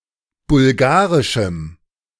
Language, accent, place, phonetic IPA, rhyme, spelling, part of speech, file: German, Germany, Berlin, [bʊlˈɡaːʁɪʃm̩], -aːʁɪʃm̩, bulgarischem, adjective, De-bulgarischem.ogg
- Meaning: strong dative masculine/neuter singular of bulgarisch